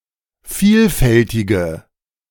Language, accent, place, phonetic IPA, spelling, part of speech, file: German, Germany, Berlin, [ˈfiːlˌfɛltɪɡə], vielfältige, adjective, De-vielfältige.ogg
- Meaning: inflection of vielfältig: 1. strong/mixed nominative/accusative feminine singular 2. strong nominative/accusative plural 3. weak nominative all-gender singular